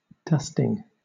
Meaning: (verb) present participle and gerund of dust; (noun) 1. A light snowfall 2. A light covering of something 3. The act of removing dust from the furniture, as a household chore 4. A beating
- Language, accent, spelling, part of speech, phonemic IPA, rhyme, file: English, Southern England, dusting, verb / noun, /ˈdʌstɪŋ/, -ʌstɪŋ, LL-Q1860 (eng)-dusting.wav